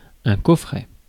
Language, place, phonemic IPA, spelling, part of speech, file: French, Paris, /kɔ.fʁɛ/, coffret, noun, Fr-coffret.ogg
- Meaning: 1. small box or chest; casket, tin, case; cassette 2. box set